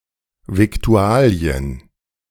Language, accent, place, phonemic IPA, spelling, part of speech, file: German, Germany, Berlin, /vɪkˈtu̯aːli̯ən/, Viktualien, noun, De-Viktualien.ogg
- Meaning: victuals, food